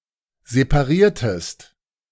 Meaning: inflection of separieren: 1. second-person singular preterite 2. second-person singular subjunctive II
- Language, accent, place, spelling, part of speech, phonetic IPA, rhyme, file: German, Germany, Berlin, separiertest, verb, [zepaˈʁiːɐ̯təst], -iːɐ̯təst, De-separiertest.ogg